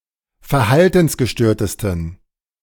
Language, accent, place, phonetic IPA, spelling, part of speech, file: German, Germany, Berlin, [fɛɐ̯ˈhaltn̩sɡəˌʃtøːɐ̯təstn̩], verhaltensgestörtesten, adjective, De-verhaltensgestörtesten.ogg
- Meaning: 1. superlative degree of verhaltensgestört 2. inflection of verhaltensgestört: strong genitive masculine/neuter singular superlative degree